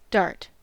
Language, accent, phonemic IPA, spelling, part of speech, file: English, US, /dɑɹt/, dart, noun / verb, En-us-dart.ogg
- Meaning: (noun) 1. A pointed missile weapon, intended to be thrown by the hand; for example, a short lance or javelin 2. Any sharp-pointed missile weapon, such as an arrow